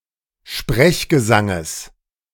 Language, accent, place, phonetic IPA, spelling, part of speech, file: German, Germany, Berlin, [ˈʃpʁɛçɡəˌzaŋəs], Sprechgesanges, noun, De-Sprechgesanges.ogg
- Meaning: genitive singular of Sprechgesang